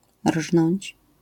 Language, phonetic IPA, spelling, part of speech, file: Polish, [rʒnɔ̃ɲt͡ɕ], rżnąć, verb, LL-Q809 (pol)-rżnąć.wav